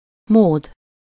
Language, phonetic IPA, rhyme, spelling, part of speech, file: Hungarian, [ˈmoːd], -oːd, mód, noun, Hu-mód.ogg
- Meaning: 1. way (manner, method) 2. mood 3. resources, means (indicating wealth)